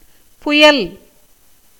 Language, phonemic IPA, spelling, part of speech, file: Tamil, /pʊjɐl/, புயல், noun, Ta-புயல்.ogg
- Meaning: 1. storm, gale, tempest 2. rain, water 3. cloud 4. the planet Venus